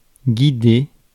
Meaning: to guide
- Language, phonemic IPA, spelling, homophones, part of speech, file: French, /ɡi.de/, guider, guidé / guidée / guidées / guidés / guidez, verb, Fr-guider.ogg